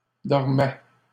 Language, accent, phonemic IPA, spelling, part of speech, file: French, Canada, /dɔʁ.mɛ/, dormait, verb, LL-Q150 (fra)-dormait.wav
- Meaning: third-person singular imperfect indicative of dormir